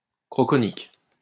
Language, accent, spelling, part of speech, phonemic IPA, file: French, France, croconique, adjective, /kʁɔ.kɔ.nik/, LL-Q150 (fra)-croconique.wav
- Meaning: croconic